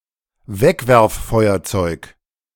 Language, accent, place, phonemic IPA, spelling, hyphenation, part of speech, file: German, Germany, Berlin, /ˈvɛkvɛʁfˌfɔɪ̯ɐt͡sɔɪ̯k/, Wegwerffeuerzeug, Weg‧werf‧feu‧er‧zeug, noun, De-Wegwerffeuerzeug.ogg
- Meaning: disposable lighter